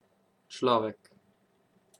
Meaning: 1. human; person 2. husband^([→SSKJ])
- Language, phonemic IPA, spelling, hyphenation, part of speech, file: Slovenian, /t͡ʃlɔ̀ːʋɛk/, človek, člo‧vek, noun, Sl-človek.ogg